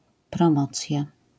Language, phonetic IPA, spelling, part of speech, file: Polish, [prɔ̃ˈmɔt͡sʲja], promocja, noun, LL-Q809 (pol)-promocja.wav